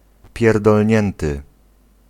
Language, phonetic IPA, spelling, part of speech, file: Polish, [ˌpʲjɛrdɔlʲˈɲɛ̃ntɨ], pierdolnięty, verb / adjective, Pl-pierdolnięty (2).ogg